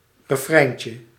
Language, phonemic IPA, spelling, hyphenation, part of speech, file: Dutch, /rəˈfrɛi̯n.tjə/, refreintje, re‧frein‧tje, noun, Nl-refreintje.ogg
- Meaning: diminutive of refrein